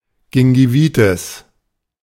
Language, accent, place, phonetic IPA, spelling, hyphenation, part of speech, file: German, Germany, Berlin, [ˌɡɪŋɡiˈviːtɪs], Gingivitis, Gin‧gi‧vi‧tis, noun, De-Gingivitis.ogg
- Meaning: gingivitis